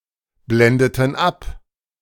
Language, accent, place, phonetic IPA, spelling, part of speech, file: German, Germany, Berlin, [ˌblɛndətn̩ ˈap], blendeten ab, verb, De-blendeten ab.ogg
- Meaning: inflection of abblenden: 1. first/third-person plural preterite 2. first/third-person plural subjunctive II